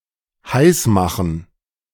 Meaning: 1. to make hot 2. to arouse
- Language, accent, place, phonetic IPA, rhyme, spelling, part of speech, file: German, Germany, Berlin, [ˈhaɪ̯sˌmaxn̩], -aɪ̯smaxn̩, heißmachen, verb, De-heißmachen.ogg